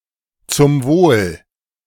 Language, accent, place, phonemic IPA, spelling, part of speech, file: German, Germany, Berlin, /t͡sʊm ˈvoːl/, zum Wohl, interjection, De-zum Wohl.ogg
- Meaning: 1. cheers (toast when drinking) 2. Bless you (a response to someone sneezing)